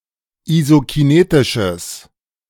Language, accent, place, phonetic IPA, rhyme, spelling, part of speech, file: German, Germany, Berlin, [izokiˈneːtɪʃəs], -eːtɪʃəs, isokinetisches, adjective, De-isokinetisches.ogg
- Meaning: strong/mixed nominative/accusative neuter singular of isokinetisch